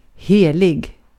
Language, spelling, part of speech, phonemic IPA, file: Swedish, helig, adjective, /ˈheːˌlɪɡ/, Sv-helig.ogg
- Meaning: holy